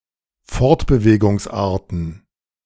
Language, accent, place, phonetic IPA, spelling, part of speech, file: German, Germany, Berlin, [ˈfɔʁtbəveːɡʊŋsˌʔaːɐ̯tn̩], Fortbewegungsarten, noun, De-Fortbewegungsarten.ogg
- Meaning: plural of Fortbewegungsart